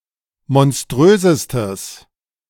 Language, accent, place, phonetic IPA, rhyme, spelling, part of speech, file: German, Germany, Berlin, [mɔnˈstʁøːzəstəs], -øːzəstəs, monströsestes, adjective, De-monströsestes.ogg
- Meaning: strong/mixed nominative/accusative neuter singular superlative degree of monströs